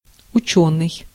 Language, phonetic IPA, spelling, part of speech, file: Russian, [ʊˈt͡ɕɵnɨj], учёный, adjective / noun, Ru-учёный.ogg
- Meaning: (adjective) 1. learned, adept, erudite 2. scientific, academic; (noun) scholar, scientist